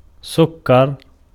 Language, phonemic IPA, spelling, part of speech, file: Arabic, /suk.kar/, سكر, noun / verb, Ar-سكر.ogg
- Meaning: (noun) sugar; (verb) 1. to sugar, to sprinkle sugar over 2. to sweeten, to add sugar 3. to candy